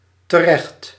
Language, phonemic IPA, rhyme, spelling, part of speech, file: Dutch, /təˈrɛxt/, -ɛxt, terecht, adjective / adverb, Nl-terecht.ogg
- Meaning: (adjective) just, right, for good reason; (adverb) 1. in the right place 2. in judgment 3. rightly, justifiedly, for a good reason